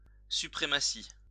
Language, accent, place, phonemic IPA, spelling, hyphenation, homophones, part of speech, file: French, France, Lyon, /sy.pʁe.ma.si/, suprématie, su‧pré‧ma‧tie, suprématies, noun, LL-Q150 (fra)-suprématie.wav
- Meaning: supremacy